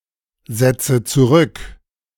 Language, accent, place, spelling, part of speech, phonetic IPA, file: German, Germany, Berlin, setze zurück, verb, [ˌzɛt͡sə t͡suˈʁʏk], De-setze zurück.ogg
- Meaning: inflection of zurücksetzen: 1. first-person singular present 2. first/third-person singular subjunctive I 3. singular imperative